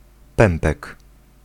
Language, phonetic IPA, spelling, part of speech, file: Polish, [ˈpɛ̃mpɛk], pępek, noun, Pl-pępek.ogg